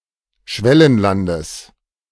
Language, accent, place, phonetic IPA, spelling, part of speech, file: German, Germany, Berlin, [ˈʃvɛlənlandəs], Schwellenlandes, noun, De-Schwellenlandes.ogg
- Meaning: genitive singular of Schwellenland